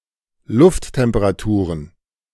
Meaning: plural of Lufttemperatur
- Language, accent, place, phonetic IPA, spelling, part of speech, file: German, Germany, Berlin, [ˈlʊfttɛmpəʁaˌtuːʁən], Lufttemperaturen, noun, De-Lufttemperaturen.ogg